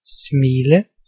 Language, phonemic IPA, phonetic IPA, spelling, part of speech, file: Danish, /smiːlø/, [ˈsmiːˀlə], smile, verb, Da-smile.ogg
- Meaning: to smile